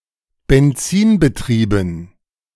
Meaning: petrol-powered
- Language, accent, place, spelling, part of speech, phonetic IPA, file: German, Germany, Berlin, benzinbetrieben, adjective, [bɛnˈt͡siːnbəˌtʁiːbn̩], De-benzinbetrieben.ogg